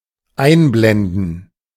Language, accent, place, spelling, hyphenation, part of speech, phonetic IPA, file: German, Germany, Berlin, einblenden, ein‧blen‧den, verb, [ˈaɪ̯nˌblɛndn̩], De-einblenden.ogg
- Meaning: 1. to display, to show 2. to fade in